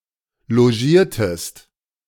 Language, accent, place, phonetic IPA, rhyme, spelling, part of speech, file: German, Germany, Berlin, [loˈʒiːɐ̯təst], -iːɐ̯təst, logiertest, verb, De-logiertest.ogg
- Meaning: inflection of logieren: 1. second-person singular preterite 2. second-person singular subjunctive II